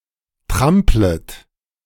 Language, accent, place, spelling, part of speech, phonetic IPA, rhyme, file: German, Germany, Berlin, tramplet, verb, [ˈtʁamplət], -amplət, De-tramplet.ogg
- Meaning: second-person plural subjunctive I of trampeln